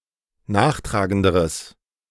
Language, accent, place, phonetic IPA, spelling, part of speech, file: German, Germany, Berlin, [ˈnaːxˌtʁaːɡəndəʁəs], nachtragenderes, adjective, De-nachtragenderes.ogg
- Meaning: strong/mixed nominative/accusative neuter singular comparative degree of nachtragend